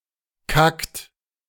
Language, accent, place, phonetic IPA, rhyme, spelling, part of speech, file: German, Germany, Berlin, [kakt], -akt, kackt, verb, De-kackt.ogg
- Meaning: inflection of kacken: 1. third-person singular present 2. second-person plural present 3. plural imperative